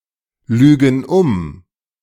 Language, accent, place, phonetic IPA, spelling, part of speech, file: German, Germany, Berlin, [ˌlyːɡn̩ ˈʊm], lügen um, verb, De-lügen um.ogg
- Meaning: inflection of umlügen: 1. first/third-person plural present 2. first/third-person plural subjunctive I